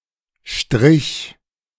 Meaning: first/third-person singular preterite of streichen
- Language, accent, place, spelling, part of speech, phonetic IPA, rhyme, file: German, Germany, Berlin, strich, verb, [ʃtʁɪç], -ɪç, De-strich.ogg